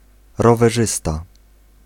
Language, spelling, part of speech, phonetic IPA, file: Polish, rowerzysta, noun, [ˌrɔvɛˈʒɨsta], Pl-rowerzysta.ogg